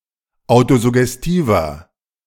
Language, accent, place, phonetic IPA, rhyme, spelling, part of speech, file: German, Germany, Berlin, [ˌaʊ̯tozʊɡɛsˈtiːvɐ], -iːvɐ, autosuggestiver, adjective, De-autosuggestiver.ogg
- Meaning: inflection of autosuggestiv: 1. strong/mixed nominative masculine singular 2. strong genitive/dative feminine singular 3. strong genitive plural